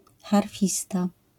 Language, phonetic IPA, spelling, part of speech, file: Polish, [xarˈfʲista], harfista, noun, LL-Q809 (pol)-harfista.wav